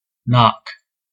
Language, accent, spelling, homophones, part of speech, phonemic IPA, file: English, General American, knock, nock, noun / verb, /nɑk/, En-us-knock.ogg
- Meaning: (noun) 1. An abrupt rapping sound, as from an impact of a hard object against wood 2. A sharp impact 3. A criticism 4. A blow or setback